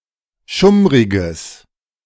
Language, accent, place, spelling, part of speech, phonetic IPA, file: German, Germany, Berlin, schummriges, adjective, [ˈʃʊmʁɪɡəs], De-schummriges.ogg
- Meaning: strong/mixed nominative/accusative neuter singular of schummrig